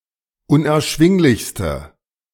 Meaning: inflection of unerschwinglich: 1. strong/mixed nominative/accusative feminine singular superlative degree 2. strong nominative/accusative plural superlative degree
- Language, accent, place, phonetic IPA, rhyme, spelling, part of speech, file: German, Germany, Berlin, [ʊnʔɛɐ̯ˈʃvɪŋlɪçstə], -ɪŋlɪçstə, unerschwinglichste, adjective, De-unerschwinglichste.ogg